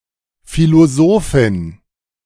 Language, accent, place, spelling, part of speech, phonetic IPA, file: German, Germany, Berlin, Philosophin, noun, [ˌfiloˈzoːfɪn], De-Philosophin.ogg
- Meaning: female philosopher